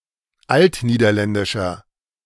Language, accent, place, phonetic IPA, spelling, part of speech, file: German, Germany, Berlin, [ˈaltniːdɐˌlɛndɪʃɐ], altniederländischer, adjective, De-altniederländischer.ogg
- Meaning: inflection of altniederländisch: 1. strong/mixed nominative masculine singular 2. strong genitive/dative feminine singular 3. strong genitive plural